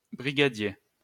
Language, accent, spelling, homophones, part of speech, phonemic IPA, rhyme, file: French, France, brigadier, brigadiers, noun, /bʁi.ɡa.dje/, -je, LL-Q150 (fra)-brigadier.wav
- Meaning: 1. brigadier (military) 2. Military rank equivalent to corporal 3. crossing guard